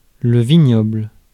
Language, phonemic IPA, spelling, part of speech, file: French, /vi.ɲɔbl/, vignoble, noun, Fr-vignoble.ogg
- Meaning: vineyard (grape plantation)